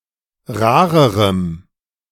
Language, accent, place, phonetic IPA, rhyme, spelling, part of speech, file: German, Germany, Berlin, [ˈʁaːʁəʁəm], -aːʁəʁəm, rarerem, adjective, De-rarerem.ogg
- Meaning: strong dative masculine/neuter singular comparative degree of rar